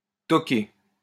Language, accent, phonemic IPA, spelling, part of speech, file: French, France, /tɔ.ke/, toquer, verb, LL-Q150 (fra)-toquer.wav
- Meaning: 1. to bother, to dog 2. to hit, to tap, to bang, to knock 3. to fall in love; to fall head over heels (with)